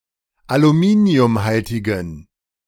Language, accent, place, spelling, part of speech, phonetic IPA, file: German, Germany, Berlin, aluminiumhaltigen, adjective, [aluˈmiːni̯ʊmˌhaltɪɡn̩], De-aluminiumhaltigen.ogg
- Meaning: inflection of aluminiumhaltig: 1. strong genitive masculine/neuter singular 2. weak/mixed genitive/dative all-gender singular 3. strong/weak/mixed accusative masculine singular 4. strong dative plural